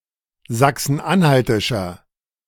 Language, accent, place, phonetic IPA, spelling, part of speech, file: German, Germany, Berlin, [ˌzaksn̩ˈʔanhaltɪʃɐ], sachsen-anhaltischer, adjective, De-sachsen-anhaltischer.ogg
- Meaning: inflection of sachsen-anhaltisch: 1. strong/mixed nominative masculine singular 2. strong genitive/dative feminine singular 3. strong genitive plural